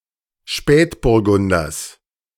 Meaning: genitive singular of Spätburgunder
- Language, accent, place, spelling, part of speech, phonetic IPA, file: German, Germany, Berlin, Spätburgunders, noun, [ˈʃpɛːtbʊʁˌɡʊndɐs], De-Spätburgunders.ogg